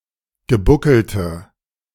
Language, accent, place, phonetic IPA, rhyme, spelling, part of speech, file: German, Germany, Berlin, [ɡəˈbʊkl̩tə], -ʊkl̩tə, gebuckelte, adjective, De-gebuckelte.ogg
- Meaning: inflection of gebuckelt: 1. strong/mixed nominative/accusative feminine singular 2. strong nominative/accusative plural 3. weak nominative all-gender singular